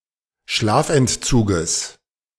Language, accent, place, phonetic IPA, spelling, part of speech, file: German, Germany, Berlin, [ˈʃlaːfʔɛntˌt͡suːɡəs], Schlafentzuges, noun, De-Schlafentzuges.ogg
- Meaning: genitive of Schlafentzug